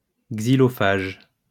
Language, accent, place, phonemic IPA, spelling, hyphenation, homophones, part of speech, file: French, France, Lyon, /ɡzi.lɔ.faʒ/, xylophage, xy‧lo‧phage, xylophages, adjective / noun, LL-Q150 (fra)-xylophage.wav
- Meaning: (adjective) xylophagous; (noun) xylophage